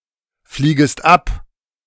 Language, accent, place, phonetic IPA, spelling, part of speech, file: German, Germany, Berlin, [ˌfliːɡəst ˈap], fliegest ab, verb, De-fliegest ab.ogg
- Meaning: second-person singular subjunctive I of abfliegen